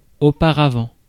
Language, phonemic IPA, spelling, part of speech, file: French, /o.pa.ʁa.vɑ̃/, auparavant, adverb, Fr-auparavant.ogg
- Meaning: beforehand, previously